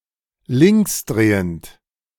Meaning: levorotatory
- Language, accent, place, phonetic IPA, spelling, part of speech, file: German, Germany, Berlin, [ˈlɪŋksˌdʁeːənt], linksdrehend, adjective, De-linksdrehend.ogg